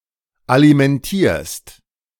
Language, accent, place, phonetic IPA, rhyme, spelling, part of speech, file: German, Germany, Berlin, [alimɛnˈtiːɐ̯st], -iːɐ̯st, alimentierst, verb, De-alimentierst.ogg
- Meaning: second-person singular present of alimentieren